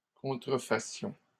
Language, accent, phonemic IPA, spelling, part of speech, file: French, Canada, /kɔ̃.tʁə.fa.sjɔ̃/, contrefassions, verb, LL-Q150 (fra)-contrefassions.wav
- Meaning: first-person plural present subjunctive of contrefaire